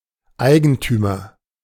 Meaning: 1. the one who in general has the right to do as he will with a corporeal object and exclude others from it 2. nominative/accusative/genitive plural of Eigentum
- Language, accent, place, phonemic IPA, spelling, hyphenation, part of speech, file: German, Germany, Berlin, /ˈaɪ̯ɡəntyːmɐ/, Eigentümer, Ei‧gen‧tü‧mer, noun, De-Eigentümer.ogg